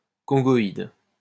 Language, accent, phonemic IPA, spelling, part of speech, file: French, France, /kɔ̃.ɡɔ.id/, congoïde, noun, LL-Q150 (fra)-congoïde.wav
- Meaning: Congoid, negroid